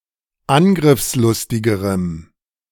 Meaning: strong dative masculine/neuter singular comparative degree of angriffslustig
- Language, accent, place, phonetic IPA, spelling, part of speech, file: German, Germany, Berlin, [ˈanɡʁɪfsˌlʊstɪɡəʁəm], angriffslustigerem, adjective, De-angriffslustigerem.ogg